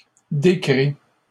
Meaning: 1. past participle of décrire 2. third-person singular present indicative of décrire
- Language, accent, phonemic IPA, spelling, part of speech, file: French, Canada, /de.kʁi/, décrit, verb, LL-Q150 (fra)-décrit.wav